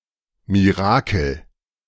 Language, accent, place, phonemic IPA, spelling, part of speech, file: German, Germany, Berlin, /miˈʁaːkəl/, Mirakel, noun, De-Mirakel.ogg
- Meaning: miracle